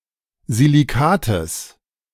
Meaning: genitive singular of Silikat
- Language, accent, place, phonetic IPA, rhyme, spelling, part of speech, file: German, Germany, Berlin, [ziliˈkaːtəs], -aːtəs, Silikates, noun, De-Silikates.ogg